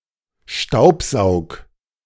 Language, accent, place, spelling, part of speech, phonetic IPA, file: German, Germany, Berlin, staubsaug, verb, [ˈʃtaʊ̯pˌzaʊ̯k], De-staubsaug.ogg
- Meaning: 1. singular imperative of staubsaugen 2. first-person singular present of staubsaugen